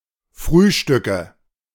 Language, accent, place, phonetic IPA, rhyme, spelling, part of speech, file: German, Germany, Berlin, [ˈfʁyːˌʃtʏkə], -yːʃtʏkə, Frühstücke, noun, De-Frühstücke.ogg
- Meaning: nominative/accusative/genitive plural of Frühstück